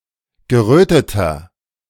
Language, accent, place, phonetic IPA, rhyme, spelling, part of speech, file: German, Germany, Berlin, [ɡəˈʁøːtətɐ], -øːtətɐ, geröteter, adjective, De-geröteter.ogg
- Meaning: 1. comparative degree of gerötet 2. inflection of gerötet: strong/mixed nominative masculine singular 3. inflection of gerötet: strong genitive/dative feminine singular